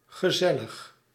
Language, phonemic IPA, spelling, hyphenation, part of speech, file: Dutch, /ɣəˈzɛ.ləx/, gezellig, ge‧zel‧lig, adjective, Nl-gezellig.ogg
- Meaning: 1. having an inviting and friendly ambiance; cosy, nice, pleasant, sociable, convivial 2. inclined to seek the company of others